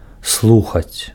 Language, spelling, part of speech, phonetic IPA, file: Belarusian, слухаць, verb, [ˈsɫuxat͡sʲ], Be-слухаць.ogg
- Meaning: 1. to hear 2. to listen to